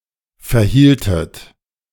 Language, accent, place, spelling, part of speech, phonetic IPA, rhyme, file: German, Germany, Berlin, verhieltet, verb, [fɛɐ̯ˈhiːltət], -iːltət, De-verhieltet.ogg
- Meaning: inflection of verhalten: 1. second-person plural preterite 2. second-person plural subjunctive II